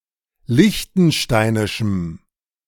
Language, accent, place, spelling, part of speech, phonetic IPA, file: German, Germany, Berlin, liechtensteinischem, adjective, [ˈlɪçtn̩ˌʃtaɪ̯nɪʃm̩], De-liechtensteinischem.ogg
- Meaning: strong dative masculine/neuter singular of liechtensteinisch